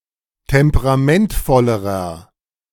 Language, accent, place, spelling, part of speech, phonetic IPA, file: German, Germany, Berlin, temperamentvollerer, adjective, [ˌtɛmpəʁaˈmɛntfɔləʁɐ], De-temperamentvollerer.ogg
- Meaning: inflection of temperamentvoll: 1. strong/mixed nominative masculine singular comparative degree 2. strong genitive/dative feminine singular comparative degree